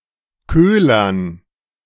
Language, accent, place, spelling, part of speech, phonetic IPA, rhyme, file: German, Germany, Berlin, Köhlern, noun, [ˈkøːlɐn], -øːlɐn, De-Köhlern.ogg
- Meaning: dative plural of Köhler